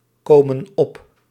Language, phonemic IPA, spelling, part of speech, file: Dutch, /ˈkomə(n) ˈɔp/, komen op, verb, Nl-komen op.ogg
- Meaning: inflection of opkomen: 1. plural present indicative 2. plural present subjunctive